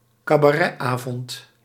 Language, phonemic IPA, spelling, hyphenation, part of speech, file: Dutch, /kaː.baːˈrɛtˌaː.vɔnt/, cabaretavond, ca‧ba‧ret‧avond, noun, Nl-cabaretavond.ogg
- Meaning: cabaret evening